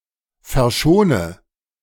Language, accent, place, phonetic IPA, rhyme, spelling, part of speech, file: German, Germany, Berlin, [fɛɐ̯ˈʃoːnə], -oːnə, verschone, verb, De-verschone.ogg
- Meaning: inflection of verschonen: 1. first-person singular present 2. first/third-person singular subjunctive I 3. singular imperative